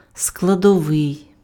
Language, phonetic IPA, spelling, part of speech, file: Ukrainian, [skɫɐdɔˈʋɪi̯], складовий, adjective, Uk-складовий.ogg
- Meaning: 1. component, constituent 2. syllabic